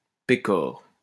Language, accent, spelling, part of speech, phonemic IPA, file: French, France, pécore, noun, /pe.kɔʁ/, LL-Q150 (fra)-pécore.wav
- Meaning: 1. a small farm animal (not necessarily a sheep) 2. blockhead (stupid person) 3. peasant